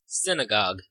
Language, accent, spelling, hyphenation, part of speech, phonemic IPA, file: English, General American, synagogue, syn‧a‧gogue, noun, /ˈsɪnəˌɡɑɡ/, En-us-synagogue.ogg
- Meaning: 1. A place of worship for Jews 2. A congregation of Jews for the purpose of worship or religious study 3. Any assembly of folk